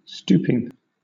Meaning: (adjective) Bending the body forward in a submissive or weak manner; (verb) present participle and gerund of stoop; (noun) The act of one who stoops
- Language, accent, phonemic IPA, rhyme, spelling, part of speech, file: English, Southern England, /ˈstuːpɪŋ/, -uːpɪŋ, stooping, adjective / verb / noun, LL-Q1860 (eng)-stooping.wav